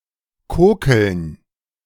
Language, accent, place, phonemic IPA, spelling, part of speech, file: German, Germany, Berlin, /ˈkoːkl̩n/, kokeln, verb, De-kokeln.ogg
- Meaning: 1. to play with fire; to handle fire unsafely 2. to smolder